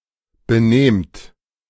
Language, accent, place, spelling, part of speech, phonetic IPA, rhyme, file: German, Germany, Berlin, benehmt, verb, [bəˈneːmt], -eːmt, De-benehmt.ogg
- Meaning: inflection of benehmen: 1. second-person plural present 2. plural imperative